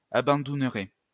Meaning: third-person plural conditional of abandouner
- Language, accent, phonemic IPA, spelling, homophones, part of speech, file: French, France, /a.bɑ̃.dun.ʁɛ/, abandouneraient, abandounerais / abandounerait, verb, LL-Q150 (fra)-abandouneraient.wav